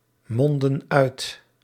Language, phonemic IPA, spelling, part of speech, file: Dutch, /ˈmɔndə(n) ˈœyt/, monden uit, verb, Nl-monden uit.ogg
- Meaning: inflection of uitmonden: 1. plural present indicative 2. plural present subjunctive